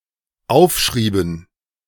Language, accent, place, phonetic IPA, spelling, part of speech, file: German, Germany, Berlin, [ˈaʊ̯fˌʃʁiːbn̩], aufschrieben, verb, De-aufschrieben.ogg
- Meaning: inflection of aufschreiben: 1. first/third-person plural dependent preterite 2. first/third-person plural dependent subjunctive II